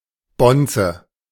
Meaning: 1. bonze (Buddhist priest in Japan) 2. self-interested dignitary 3. capitalist, fat cat; leading figure of the propertied class 4. rich person; bigwig
- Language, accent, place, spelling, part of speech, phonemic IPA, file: German, Germany, Berlin, Bonze, noun, /ˈbɔntsə/, De-Bonze.ogg